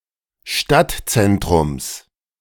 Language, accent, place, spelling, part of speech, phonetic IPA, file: German, Germany, Berlin, Stadtzentrums, noun, [ˈʃtatˌt͡sɛntʁʊms], De-Stadtzentrums.ogg
- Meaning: genitive singular of Stadtzentrum